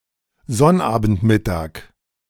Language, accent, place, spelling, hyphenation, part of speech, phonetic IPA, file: German, Germany, Berlin, Sonnabendmittag, Sonn‧abend‧mit‧tag, noun, [ˈzɔnʔaːbn̩tˌmɪtaːk], De-Sonnabendmittag.ogg
- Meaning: Saturday noon